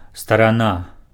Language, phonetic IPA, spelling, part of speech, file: Belarusian, [staraˈna], старана, noun, Be-старана.ogg
- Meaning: 1. side 2. country